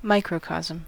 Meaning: 1. Human nature or the human body as representative of the wider universe; man considered as a miniature counterpart of divine or universal nature 2. The human body; a person
- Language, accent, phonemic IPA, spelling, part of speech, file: English, US, /ˈmaɪ.kɹəˌkɑz.əm/, microcosm, noun, En-us-microcosm.ogg